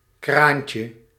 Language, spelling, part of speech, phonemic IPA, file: Dutch, kraantje, noun, /ˈkraɲcə/, Nl-kraantje.ogg
- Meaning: diminutive of kraan